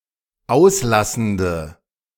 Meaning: inflection of auslassend: 1. strong/mixed nominative/accusative feminine singular 2. strong nominative/accusative plural 3. weak nominative all-gender singular
- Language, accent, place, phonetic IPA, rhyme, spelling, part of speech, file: German, Germany, Berlin, [ˈaʊ̯sˌlasn̩də], -aʊ̯slasn̩də, auslassende, adjective, De-auslassende.ogg